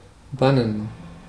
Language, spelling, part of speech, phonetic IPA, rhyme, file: German, bannen, verb, [ˈbanən], -anən, De-bannen.ogg
- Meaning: 1. to ostracize; to banish; to outlaw; to excommunicate 2. to immobilize or disarm (a spirit) by a spell 3. to avert; to banish; to drive off 4. to captivate; to fascinate